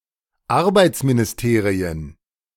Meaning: plural of Arbeitsministerium
- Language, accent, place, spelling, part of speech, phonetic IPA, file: German, Germany, Berlin, Arbeitsministerien, noun, [ˈaʁbaɪ̯t͡sminɪsˌteːʁiən], De-Arbeitsministerien.ogg